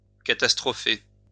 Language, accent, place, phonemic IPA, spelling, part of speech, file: French, France, Lyon, /ka.tas.tʁɔ.fe/, catastropher, verb, LL-Q150 (fra)-catastropher.wav
- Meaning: to stagger (a person, with an announcement)